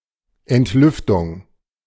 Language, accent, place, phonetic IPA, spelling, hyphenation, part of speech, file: German, Germany, Berlin, [ʔɛntˈlʏftʊŋ], Entlüftung, Ent‧lüf‧tung, noun, De-Entlüftung.ogg
- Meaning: 1. vent; ventilation 2. deaeration, degassing